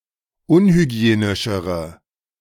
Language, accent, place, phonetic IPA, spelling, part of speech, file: German, Germany, Berlin, [ˈʊnhyˌɡi̯eːnɪʃəʁə], unhygienischere, adjective, De-unhygienischere.ogg
- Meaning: inflection of unhygienisch: 1. strong/mixed nominative/accusative feminine singular comparative degree 2. strong nominative/accusative plural comparative degree